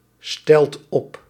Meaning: inflection of opstellen: 1. second/third-person singular present indicative 2. plural imperative
- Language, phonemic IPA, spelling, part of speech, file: Dutch, /ˈstɛlt ˈɔp/, stelt op, verb, Nl-stelt op.ogg